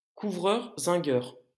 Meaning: zincworker, zincsmith
- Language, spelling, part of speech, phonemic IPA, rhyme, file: French, zingueur, noun, /zɛ̃.ɡœʁ/, -œʁ, LL-Q150 (fra)-zingueur.wav